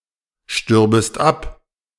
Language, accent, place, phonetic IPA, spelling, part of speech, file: German, Germany, Berlin, [ˌʃtʏʁbəst ˈap], stürbest ab, verb, De-stürbest ab.ogg
- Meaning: second-person singular subjunctive II of absterben